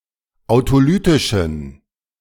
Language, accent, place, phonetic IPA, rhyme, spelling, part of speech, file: German, Germany, Berlin, [aʊ̯toˈlyːtɪʃn̩], -yːtɪʃn̩, autolytischen, adjective, De-autolytischen.ogg
- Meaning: inflection of autolytisch: 1. strong genitive masculine/neuter singular 2. weak/mixed genitive/dative all-gender singular 3. strong/weak/mixed accusative masculine singular 4. strong dative plural